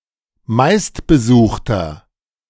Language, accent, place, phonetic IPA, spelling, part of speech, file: German, Germany, Berlin, [ˈmaɪ̯stbəˌzuːxtɐ], meistbesuchter, adjective, De-meistbesuchter.ogg
- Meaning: inflection of meistbesucht: 1. strong/mixed nominative masculine singular 2. strong genitive/dative feminine singular 3. strong genitive plural